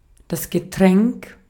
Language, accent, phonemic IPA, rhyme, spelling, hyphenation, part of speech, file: German, Austria, /ɡəˈtʁɛŋk/, -ɛŋk, Getränk, Ge‧tränk, noun, De-at-Getränk.ogg
- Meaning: drink, beverage (liquid for consumption)